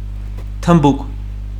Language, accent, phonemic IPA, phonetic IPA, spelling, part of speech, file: Armenian, Eastern Armenian, /tʰəmˈbuk/, [tʰəmbúk], թմբուկ, noun, Hy-թմբուկ.ogg
- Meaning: drum